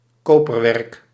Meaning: copperware
- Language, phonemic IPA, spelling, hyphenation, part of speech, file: Dutch, /ˈkoː.pərˌʋɛrk/, koperwerk, ko‧per‧werk, noun, Nl-koperwerk.ogg